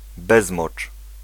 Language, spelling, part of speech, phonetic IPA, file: Polish, bezmocz, noun, [ˈbɛzmɔt͡ʃ], Pl-bezmocz.ogg